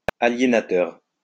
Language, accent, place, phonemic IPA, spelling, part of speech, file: French, France, Lyon, /a.lje.na.tœʁ/, aliénateur, noun, LL-Q150 (fra)-aliénateur.wav
- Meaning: transferor